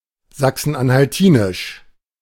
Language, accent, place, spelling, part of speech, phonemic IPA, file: German, Germany, Berlin, sachsen-anhaltinisch, adjective, /ˌzaksn̩ʔanhalˈtiːnɪʃ/, De-sachsen-anhaltinisch.ogg
- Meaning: Saxony-Anhalt